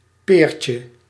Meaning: diminutive of peer
- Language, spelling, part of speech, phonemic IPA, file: Dutch, peertje, noun, /ˈpercə/, Nl-peertje.ogg